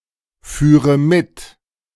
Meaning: first/third-person singular subjunctive II of mitfahren
- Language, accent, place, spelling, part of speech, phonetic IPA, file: German, Germany, Berlin, führe mit, verb, [ˌfyːʁə ˈmɪt], De-führe mit.ogg